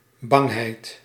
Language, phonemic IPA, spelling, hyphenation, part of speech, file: Dutch, /ˈbɑŋ.ɦɛi̯t/, bangheid, bang‧heid, noun, Nl-bangheid.ogg
- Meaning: fear, scaredness